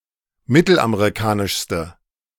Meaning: inflection of mittelamerikanisch: 1. strong/mixed nominative/accusative feminine singular superlative degree 2. strong nominative/accusative plural superlative degree
- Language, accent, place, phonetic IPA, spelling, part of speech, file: German, Germany, Berlin, [ˈmɪtl̩ʔameʁiˌkaːnɪʃstə], mittelamerikanischste, adjective, De-mittelamerikanischste.ogg